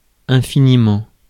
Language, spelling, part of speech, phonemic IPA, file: French, infiniment, adverb, /ɛ̃.fi.ni.mɑ̃/, Fr-infiniment.ogg
- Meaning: 1. infinitely, ad infinitum 2. infinitely, extremely